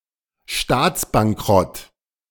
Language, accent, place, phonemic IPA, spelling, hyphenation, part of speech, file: German, Germany, Berlin, /ˈʃtaːt͡sbaŋˌkʁɔt/, Staatsbankrott, Staats‧bank‧rott, noun, De-Staatsbankrott.ogg
- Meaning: sovereign default